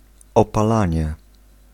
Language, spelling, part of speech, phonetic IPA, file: Polish, opalanie, noun, [ˌɔpaˈlãɲɛ], Pl-opalanie.ogg